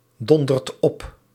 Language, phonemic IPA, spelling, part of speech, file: Dutch, /ˈdɔndərt ˈɔp/, dondert op, verb, Nl-dondert op.ogg
- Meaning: inflection of opdonderen: 1. second/third-person singular present indicative 2. plural imperative